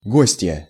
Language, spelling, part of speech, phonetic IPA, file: Russian, гостья, noun, [ˈɡosʲtʲjə], Ru-гостья.ogg
- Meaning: female equivalent of гость (gostʹ): female guest